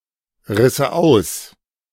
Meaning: first/third-person singular subjunctive II of ausreißen
- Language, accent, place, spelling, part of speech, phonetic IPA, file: German, Germany, Berlin, risse aus, verb, [ˌʁɪsə ˈaʊ̯s], De-risse aus.ogg